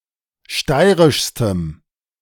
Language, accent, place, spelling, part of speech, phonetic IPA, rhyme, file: German, Germany, Berlin, steirischstem, adjective, [ˈʃtaɪ̯ʁɪʃstəm], -aɪ̯ʁɪʃstəm, De-steirischstem.ogg
- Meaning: strong dative masculine/neuter singular superlative degree of steirisch